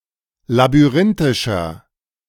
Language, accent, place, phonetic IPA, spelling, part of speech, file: German, Germany, Berlin, [labyˈʁɪntɪʃɐ], labyrinthischer, adjective, De-labyrinthischer.ogg
- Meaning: 1. comparative degree of labyrinthisch 2. inflection of labyrinthisch: strong/mixed nominative masculine singular 3. inflection of labyrinthisch: strong genitive/dative feminine singular